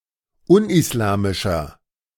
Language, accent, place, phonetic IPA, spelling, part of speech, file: German, Germany, Berlin, [ˈʊnʔɪsˌlaːmɪʃɐ], unislamischer, adjective, De-unislamischer.ogg
- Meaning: 1. comparative degree of unislamisch 2. inflection of unislamisch: strong/mixed nominative masculine singular 3. inflection of unislamisch: strong genitive/dative feminine singular